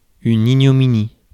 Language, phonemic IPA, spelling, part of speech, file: French, /i.ɲɔ.mi.ni/, ignominie, noun, Fr-ignominie.ogg
- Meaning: ignominy (great dishonor, shame, or humiliation)